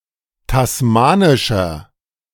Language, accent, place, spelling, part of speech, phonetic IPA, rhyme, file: German, Germany, Berlin, tasmanischer, adjective, [tasˈmaːnɪʃɐ], -aːnɪʃɐ, De-tasmanischer.ogg
- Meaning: inflection of tasmanisch: 1. strong/mixed nominative masculine singular 2. strong genitive/dative feminine singular 3. strong genitive plural